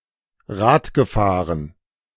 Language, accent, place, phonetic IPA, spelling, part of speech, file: German, Germany, Berlin, [ˈʁaːtɡəˌfaːʁən], Rad gefahren, verb, De-Rad gefahren.ogg
- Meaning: past participle of Rad fahren